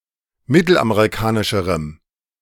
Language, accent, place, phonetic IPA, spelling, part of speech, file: German, Germany, Berlin, [ˈmɪtl̩ʔameʁiˌkaːnɪʃəʁəm], mittelamerikanischerem, adjective, De-mittelamerikanischerem.ogg
- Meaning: strong dative masculine/neuter singular comparative degree of mittelamerikanisch